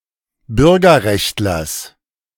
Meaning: genitive singular of Bürgerrechtler
- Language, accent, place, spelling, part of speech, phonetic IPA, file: German, Germany, Berlin, Bürgerrechtlers, noun, [ˈbʏʁɡɐˌʁɛçtlɐs], De-Bürgerrechtlers.ogg